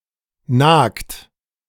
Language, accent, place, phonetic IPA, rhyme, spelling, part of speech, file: German, Germany, Berlin, [naːkt], -aːkt, nagt, verb, De-nagt.ogg
- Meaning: inflection of nagen: 1. third-person singular present 2. second-person plural present 3. plural imperative